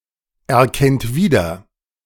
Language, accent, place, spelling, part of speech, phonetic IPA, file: German, Germany, Berlin, erkennt wieder, verb, [ɛɐ̯ˌkɛnt ˈviːdɐ], De-erkennt wieder.ogg
- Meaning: inflection of wiedererkennen: 1. third-person singular present 2. second-person plural present 3. plural imperative